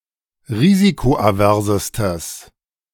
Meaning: strong/mixed nominative/accusative neuter singular superlative degree of risikoavers
- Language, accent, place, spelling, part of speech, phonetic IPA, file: German, Germany, Berlin, risikoaversestes, adjective, [ˈʁiːzikoʔaˌvɛʁzəstəs], De-risikoaversestes.ogg